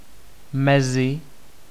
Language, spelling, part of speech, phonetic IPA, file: Czech, mezi, preposition / noun, [ˈmɛzɪ], Cs-mezi.ogg
- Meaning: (preposition) 1. between 2. among; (noun) dative/vocative/locative singular of mez